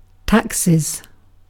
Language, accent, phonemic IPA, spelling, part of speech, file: English, UK, /ˈtæksɪz/, taxes, noun / verb, En-uk-taxes.ogg
- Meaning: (noun) plural of tax; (verb) third-person singular simple present indicative of tax